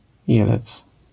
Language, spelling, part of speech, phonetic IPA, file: Polish, jelec, noun, [ˈjɛlɛt͡s], LL-Q809 (pol)-jelec.wav